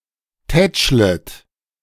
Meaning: second-person plural subjunctive I of tätscheln
- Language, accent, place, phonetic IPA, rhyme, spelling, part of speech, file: German, Germany, Berlin, [ˈtɛt͡ʃlət], -ɛt͡ʃlət, tätschlet, verb, De-tätschlet.ogg